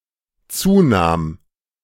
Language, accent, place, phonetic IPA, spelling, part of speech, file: German, Germany, Berlin, [ˈt͡suːˌnaːm], zunahm, verb, De-zunahm.ogg
- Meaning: first/third-person singular dependent preterite of zunehmen